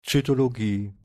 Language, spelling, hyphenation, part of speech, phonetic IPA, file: German, Zytologie, Zy‧to‧lo‧gie, noun, [t͡sytoloˈɡiː], De-Zytologie.ogg
- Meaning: cytology